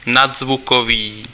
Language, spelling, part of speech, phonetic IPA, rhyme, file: Czech, nadzvukový, adjective, [ˈnadzvukoviː], -oviː, Cs-nadzvukový.ogg
- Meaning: supersonic (of a speed)